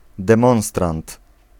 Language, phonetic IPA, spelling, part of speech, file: Polish, [dɛ̃ˈmɔ̃w̃strãnt], demonstrant, noun, Pl-demonstrant.ogg